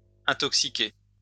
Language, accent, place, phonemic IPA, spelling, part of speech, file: French, France, Lyon, /ɛ̃.tɔk.si.ke/, intoxiqué, verb, LL-Q150 (fra)-intoxiqué.wav
- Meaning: past participle of intoxiquer